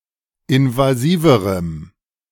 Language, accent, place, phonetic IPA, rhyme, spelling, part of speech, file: German, Germany, Berlin, [ɪnvaˈziːvəʁəm], -iːvəʁəm, invasiverem, adjective, De-invasiverem.ogg
- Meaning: strong dative masculine/neuter singular comparative degree of invasiv